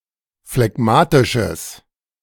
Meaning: strong/mixed nominative/accusative neuter singular of phlegmatisch
- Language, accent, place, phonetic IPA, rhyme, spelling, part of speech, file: German, Germany, Berlin, [flɛˈɡmaːtɪʃəs], -aːtɪʃəs, phlegmatisches, adjective, De-phlegmatisches.ogg